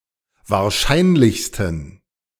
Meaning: 1. superlative degree of wahrscheinlich 2. inflection of wahrscheinlich: strong genitive masculine/neuter singular superlative degree
- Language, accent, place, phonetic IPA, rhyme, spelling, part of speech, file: German, Germany, Berlin, [vaːɐ̯ˈʃaɪ̯nlɪçstn̩], -aɪ̯nlɪçstn̩, wahrscheinlichsten, adjective, De-wahrscheinlichsten.ogg